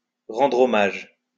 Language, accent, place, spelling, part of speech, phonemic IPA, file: French, France, Lyon, rendre hommage, verb, /ʁɑ̃.dʁ‿ɔ.maʒ/, LL-Q150 (fra)-rendre hommage.wav
- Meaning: to pay tribute